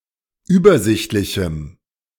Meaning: strong dative masculine/neuter singular of übersichtlich
- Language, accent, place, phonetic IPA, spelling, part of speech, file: German, Germany, Berlin, [ˈyːbɐˌzɪçtlɪçm̩], übersichtlichem, adjective, De-übersichtlichem.ogg